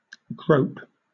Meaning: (verb) To feel with or use the hands; to handle
- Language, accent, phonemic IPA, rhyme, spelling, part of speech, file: English, Southern England, /ɡɹəʊp/, -əʊp, grope, verb / noun, LL-Q1860 (eng)-grope.wav